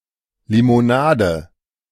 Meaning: 1. lemonade 2. any carbonated soft drink, soda pop, fizzy drink (particularly kinds other than cola, though it may also be included)
- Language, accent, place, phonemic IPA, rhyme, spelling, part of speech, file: German, Germany, Berlin, /ˌlɪmoˈnaːdə/, -aːdə, Limonade, noun, De-Limonade.ogg